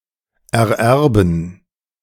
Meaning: to inherit
- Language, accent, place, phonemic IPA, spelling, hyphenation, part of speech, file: German, Germany, Berlin, /ɛɐ̯ˈʔɛʁbn̩/, ererben, er‧er‧ben, verb, De-ererben.ogg